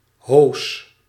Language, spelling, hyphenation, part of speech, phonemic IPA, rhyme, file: Dutch, hoos, hoos, noun / verb, /ɦoːs/, -oːs, Nl-hoos.ogg
- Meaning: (noun) 1. high boot 2. whirlwind, (specifically) landspout 3. hose (tube), container used for removing water; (verb) inflection of hozen: first-person singular present indicative